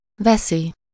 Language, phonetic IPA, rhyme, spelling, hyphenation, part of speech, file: Hungarian, [ˈvɛsi], -si, veszi, ve‧szi, verb, Hu-veszi.ogg
- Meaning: third-person singular indicative present definite of vesz